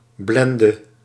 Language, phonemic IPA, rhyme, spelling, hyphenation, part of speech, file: Dutch, /ˈblɛn.də/, -ɛndə, blende, blen‧de, noun / verb, Nl-blende.ogg
- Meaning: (noun) metallic sulphide, in particular blende; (verb) singular present subjunctive of blenden